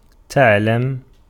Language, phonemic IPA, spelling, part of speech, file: Arabic, /ta.ʕal.la.ma/, تعلم, verb, Ar-تعلم.ogg
- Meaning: to learn (something)